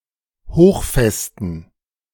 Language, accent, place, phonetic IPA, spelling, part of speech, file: German, Germany, Berlin, [ˈhoːxˌfɛstn̩], hochfesten, adjective, De-hochfesten.ogg
- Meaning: inflection of hochfest: 1. strong genitive masculine/neuter singular 2. weak/mixed genitive/dative all-gender singular 3. strong/weak/mixed accusative masculine singular 4. strong dative plural